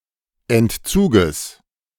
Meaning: genitive singular of Entzug
- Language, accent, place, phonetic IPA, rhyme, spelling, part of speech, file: German, Germany, Berlin, [ɛntˈt͡suːɡəs], -uːɡəs, Entzuges, noun, De-Entzuges.ogg